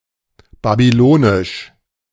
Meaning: Babylonian
- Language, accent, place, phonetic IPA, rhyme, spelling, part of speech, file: German, Germany, Berlin, [babyˈloːnɪʃ], -oːnɪʃ, babylonisch, adjective, De-babylonisch.ogg